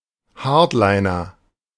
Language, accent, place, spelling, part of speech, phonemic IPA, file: German, Germany, Berlin, Hardliner, noun, /ˈhaːɐ̯tˌlaɪ̯nɐ/, De-Hardliner.ogg
- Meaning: hard-liner (person who takes a firm, uncompromising position)